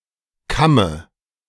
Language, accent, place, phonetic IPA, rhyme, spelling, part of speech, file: German, Germany, Berlin, [ˈkamə], -amə, Kamme, noun, De-Kamme.ogg
- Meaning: dative singular of Kamm